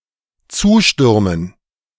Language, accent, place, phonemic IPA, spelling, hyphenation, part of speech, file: German, Germany, Berlin, /ˈt͡suːʃtʏʁmən/, zustürmen, zu‧stür‧men, verb, De-zustürmen.ogg
- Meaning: to rush